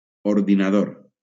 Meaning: computer
- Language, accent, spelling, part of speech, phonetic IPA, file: Catalan, Valencia, ordinador, noun, [oɾ.ði.naˈðoɾ], LL-Q7026 (cat)-ordinador.wav